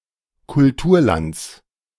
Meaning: genitive singular of Kulturland
- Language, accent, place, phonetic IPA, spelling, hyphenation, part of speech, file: German, Germany, Berlin, [kʊlˈtuːɐ̯ˌlant͡s], Kulturlands, Kul‧tur‧lands, noun, De-Kulturlands.ogg